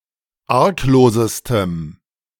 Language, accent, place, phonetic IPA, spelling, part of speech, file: German, Germany, Berlin, [ˈaʁkˌloːzəstəm], arglosestem, adjective, De-arglosestem.ogg
- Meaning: strong dative masculine/neuter singular superlative degree of arglos